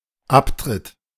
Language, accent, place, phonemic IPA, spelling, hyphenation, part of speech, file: German, Germany, Berlin, /ˈapˌtʁɪt/, Abtritt, Ab‧tritt, noun, De-Abtritt.ogg
- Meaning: 1. resignation 2. exit 3. toilet